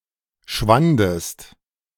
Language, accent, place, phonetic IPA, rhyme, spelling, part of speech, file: German, Germany, Berlin, [ˈʃvandəst], -andəst, schwandest, verb, De-schwandest.ogg
- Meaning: second-person singular preterite of schwinden